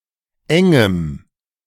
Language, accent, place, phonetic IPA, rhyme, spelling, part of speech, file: German, Germany, Berlin, [ˈɛŋəm], -ɛŋəm, engem, adjective, De-engem.ogg
- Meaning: strong dative masculine/neuter singular of eng